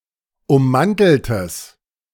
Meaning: strong/mixed nominative/accusative neuter singular of ummantelt
- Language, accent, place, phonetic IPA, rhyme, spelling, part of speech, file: German, Germany, Berlin, [ʊmˈmantl̩təs], -antl̩təs, ummanteltes, adjective, De-ummanteltes.ogg